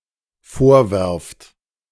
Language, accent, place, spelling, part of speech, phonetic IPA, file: German, Germany, Berlin, vorwerft, verb, [ˈfoːɐ̯ˌvɛʁft], De-vorwerft.ogg
- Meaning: second-person plural dependent present of vorwerfen